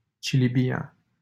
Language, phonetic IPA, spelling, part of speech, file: Romanian, [tʃi.liˈbi.a], Cilibia, proper noun, LL-Q7913 (ron)-Cilibia.wav
- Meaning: a village in Buzău County, Romania